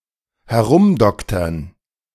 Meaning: to tinker
- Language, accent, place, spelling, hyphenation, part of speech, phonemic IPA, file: German, Germany, Berlin, herumdoktern, he‧r‧um‧dok‧tern, verb, /hɛˈʁʊmˌdɔktɐn/, De-herumdoktern.ogg